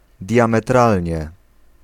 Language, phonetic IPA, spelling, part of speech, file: Polish, [ˌdʲjãmɛˈtralʲɲɛ], diametralnie, adverb, Pl-diametralnie.ogg